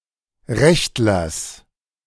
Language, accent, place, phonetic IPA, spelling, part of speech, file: German, Germany, Berlin, [ˈʁɛçtlɐs], Rechtlers, noun, De-Rechtlers.ogg
- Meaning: genitive of Rechtler